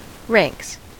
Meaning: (noun) plural of rank; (verb) third-person singular simple present indicative of rank
- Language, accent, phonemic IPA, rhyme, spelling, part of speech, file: English, US, /ɹæŋks/, -æŋks, ranks, noun / verb, En-us-ranks.ogg